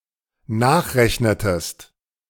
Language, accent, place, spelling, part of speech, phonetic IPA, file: German, Germany, Berlin, nachrechnetest, verb, [ˈnaːxˌʁɛçnətəst], De-nachrechnetest.ogg
- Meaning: inflection of nachrechnen: 1. second-person singular dependent preterite 2. second-person singular dependent subjunctive II